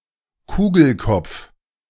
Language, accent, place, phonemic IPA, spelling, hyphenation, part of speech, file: German, Germany, Berlin, /ˈkuːɡl̩ˌkɔp͡f/, Kugelkopf, Ku‧gel‧kopf, noun, De-Kugelkopf.ogg
- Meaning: typeball